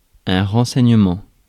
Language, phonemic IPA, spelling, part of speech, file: French, /ʁɑ̃.sɛɲ.mɑ̃/, renseignement, noun, Fr-renseignement.ogg
- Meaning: 1. piece of information 2. intelligence (gathering of information about hostile forces; agencies that do so)